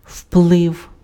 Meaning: influence, effect, impact
- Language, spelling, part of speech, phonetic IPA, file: Ukrainian, вплив, noun, [ʍpɫɪu̯], Uk-вплив.ogg